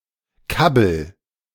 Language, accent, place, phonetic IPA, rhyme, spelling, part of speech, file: German, Germany, Berlin, [ˈkabl̩], -abl̩, kabbel, verb, De-kabbel.ogg
- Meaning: inflection of kabbeln: 1. first-person singular present 2. singular imperative